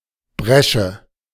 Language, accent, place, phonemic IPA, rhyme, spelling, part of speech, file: German, Germany, Berlin, /ˈbʁɛʃə/, -ɛʃə, Bresche, noun, De-Bresche.ogg
- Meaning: breach (gap or opening made by breaking or battering)